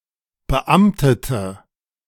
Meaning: inflection of beamtet: 1. strong/mixed nominative/accusative feminine singular 2. strong nominative/accusative plural 3. weak nominative all-gender singular 4. weak accusative feminine/neuter singular
- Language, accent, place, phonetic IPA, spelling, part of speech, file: German, Germany, Berlin, [bəˈʔamtətə], beamtete, adjective, De-beamtete.ogg